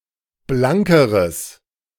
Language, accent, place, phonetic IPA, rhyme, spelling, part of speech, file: German, Germany, Berlin, [ˈblaŋkəʁəs], -aŋkəʁəs, blankeres, adjective, De-blankeres.ogg
- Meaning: strong/mixed nominative/accusative neuter singular comparative degree of blank